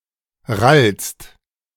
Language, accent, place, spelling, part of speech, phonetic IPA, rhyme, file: German, Germany, Berlin, rallst, verb, [ʁalst], -alst, De-rallst.ogg
- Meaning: second-person singular present of rallen